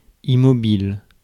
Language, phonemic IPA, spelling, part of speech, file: French, /i.mɔ.bil/, immobile, adjective, Fr-immobile.ogg
- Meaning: 1. motionless, unmoving, still, stationary 2. immovable, immobile 3. invariable